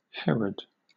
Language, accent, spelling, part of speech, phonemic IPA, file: English, Southern England, Herod, proper noun, /ˈhɛɹəd/, LL-Q1860 (eng)-Herod.wav